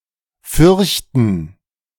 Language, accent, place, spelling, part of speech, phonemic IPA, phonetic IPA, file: German, Germany, Berlin, fürchten, verb, /ˈfʏʁçtən/, [ˈfʏɐ̯çtn̩], De-fürchten.ogg
- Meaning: 1. to fear 2. to be afraid